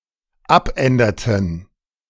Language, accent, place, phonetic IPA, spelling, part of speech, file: German, Germany, Berlin, [ˈapˌʔɛndɐtn̩], abänderten, verb, De-abänderten.ogg
- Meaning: inflection of abändern: 1. first/third-person plural dependent preterite 2. first/third-person plural dependent subjunctive II